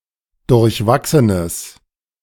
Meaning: strong/mixed nominative/accusative neuter singular of durchwachsen
- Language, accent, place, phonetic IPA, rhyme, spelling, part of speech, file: German, Germany, Berlin, [dʊʁçˈvaksənəs], -aksənəs, durchwachsenes, adjective, De-durchwachsenes.ogg